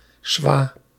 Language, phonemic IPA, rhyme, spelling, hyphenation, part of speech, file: Dutch, /sʋaː/, -aː, swa, swa, noun, Nl-swa.ogg
- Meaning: mate, bud, friend